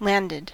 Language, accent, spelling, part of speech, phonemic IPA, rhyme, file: English, US, landed, adjective / verb, /ˈlænd.ɪd/, -ændɪd, En-us-landed.ogg
- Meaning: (adjective) 1. In possession of land 2. Consisting of land, especially with a single owner; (verb) simple past and past participle of land